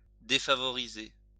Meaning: feminine singular of défavorisé
- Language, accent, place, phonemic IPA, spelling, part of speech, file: French, France, Lyon, /de.fa.vɔ.ʁi.ze/, défavorisée, verb, LL-Q150 (fra)-défavorisée.wav